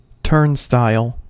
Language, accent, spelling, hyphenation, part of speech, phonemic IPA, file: English, US, turnstile, turn‧stile, noun, /ˈtəɹnstaɪl/, En-us-turnstile.ogg
- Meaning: A rotating mechanical device that controls and counts passage between public areas, especially one that only allows passage after a charge has been paid